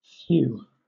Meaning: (noun) An attractive physical attribute; also, physical, mental, or moral strength or vigour
- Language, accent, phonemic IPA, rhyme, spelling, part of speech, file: English, Southern England, /θjuː/, -uː, thew, noun / verb, LL-Q1860 (eng)-thew.wav